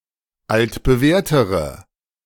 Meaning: inflection of altbewährt: 1. strong/mixed nominative/accusative feminine singular comparative degree 2. strong nominative/accusative plural comparative degree
- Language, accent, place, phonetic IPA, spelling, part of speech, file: German, Germany, Berlin, [ˌaltbəˈvɛːɐ̯təʁə], altbewährtere, adjective, De-altbewährtere.ogg